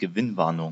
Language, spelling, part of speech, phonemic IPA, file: German, Gewinnwarnung, noun, /ɡəˈvɪnˌvaʁnʊŋ/, De-Gewinnwarnung.ogg
- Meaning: profit warning